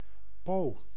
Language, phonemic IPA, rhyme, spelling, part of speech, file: Dutch, /poː/, -oː, po, noun, Nl-po.ogg
- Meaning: chamber pot